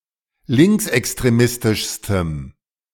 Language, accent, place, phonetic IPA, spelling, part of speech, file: German, Germany, Berlin, [ˈlɪŋksʔɛkstʁeˌmɪstɪʃstəm], linksextremistischstem, adjective, De-linksextremistischstem.ogg
- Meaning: strong dative masculine/neuter singular superlative degree of linksextremistisch